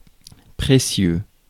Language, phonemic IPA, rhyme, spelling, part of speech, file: French, /pʁe.sjø/, -jø, précieux, adjective, Fr-précieux.ogg
- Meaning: precious